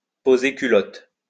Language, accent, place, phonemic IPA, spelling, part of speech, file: French, France, Lyon, /po.ze ky.lɔt/, poser culotte, verb, LL-Q150 (fra)-poser culotte.wav
- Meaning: to cover one's feet (to lower one's garment in order to defecate)